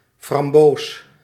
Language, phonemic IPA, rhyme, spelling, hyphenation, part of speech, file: Dutch, /frɑmˈboːs/, -oːs, framboos, fram‧boos, noun, Nl-framboos.ogg
- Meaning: 1. raspberry, plant of the species Rubus idaeus 2. raspberry, a fruit of this plant 3. raspberry, the reddish color of raspberries